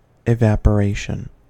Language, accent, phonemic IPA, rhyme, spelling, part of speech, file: English, US, /ɪˌvæpəˈɹeɪʃən/, -eɪʃən, evaporation, noun, En-us-evaporation.ogg
- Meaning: The process of a liquid converting to the gaseous state